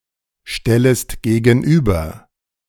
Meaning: second-person singular subjunctive I of gegenüberstellen
- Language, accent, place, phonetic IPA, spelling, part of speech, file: German, Germany, Berlin, [ˌʃtɛləst ɡeːɡn̩ˈʔyːbɐ], stellest gegenüber, verb, De-stellest gegenüber.ogg